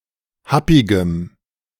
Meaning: strong dative masculine/neuter singular of happig
- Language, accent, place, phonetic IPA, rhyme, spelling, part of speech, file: German, Germany, Berlin, [ˈhapɪɡəm], -apɪɡəm, happigem, adjective, De-happigem.ogg